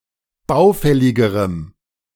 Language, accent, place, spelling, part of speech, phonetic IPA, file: German, Germany, Berlin, baufälligerem, adjective, [ˈbaʊ̯ˌfɛlɪɡəʁəm], De-baufälligerem.ogg
- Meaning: strong dative masculine/neuter singular comparative degree of baufällig